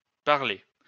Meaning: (adjective) plural of parlé; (verb) masculine plural of parlé
- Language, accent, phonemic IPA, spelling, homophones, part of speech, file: French, France, /paʁ.le/, parlés, parlai / parlé / parlée / parlées / parler / parlez, adjective / verb, LL-Q150 (fra)-parlés.wav